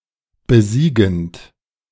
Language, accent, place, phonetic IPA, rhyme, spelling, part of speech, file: German, Germany, Berlin, [bəˈziːɡn̩t], -iːɡn̩t, besiegend, verb, De-besiegend.ogg
- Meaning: present participle of besiegen